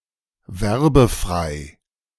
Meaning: advertisement-free
- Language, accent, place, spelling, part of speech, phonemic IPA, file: German, Germany, Berlin, werbefrei, adjective, /ˈvɛʁbəˌfʁaɪ̯/, De-werbefrei.ogg